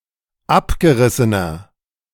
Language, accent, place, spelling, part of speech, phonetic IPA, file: German, Germany, Berlin, abgerissener, adjective, [ˈapɡəˌʁɪsənɐ], De-abgerissener.ogg
- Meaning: 1. comparative degree of abgerissen 2. inflection of abgerissen: strong/mixed nominative masculine singular 3. inflection of abgerissen: strong genitive/dative feminine singular